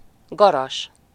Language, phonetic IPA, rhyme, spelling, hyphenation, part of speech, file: Hungarian, [ˈɡɒrɒʃ], -ɒʃ, garas, ga‧ras, noun, Hu-garas.ogg
- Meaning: 1. farthing 2. money of very small amount, penny